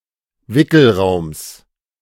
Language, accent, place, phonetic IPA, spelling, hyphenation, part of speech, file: German, Germany, Berlin, [ˈvɪkl̩ˌʁaʊ̯ms], Wickelraums, Wi‧ckel‧raums, noun, De-Wickelraums.ogg
- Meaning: genitive singular of Wickelraum